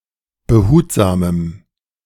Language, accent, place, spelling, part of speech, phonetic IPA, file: German, Germany, Berlin, behutsamem, adjective, [bəˈhuːtzaːməm], De-behutsamem.ogg
- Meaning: strong dative masculine/neuter singular of behutsam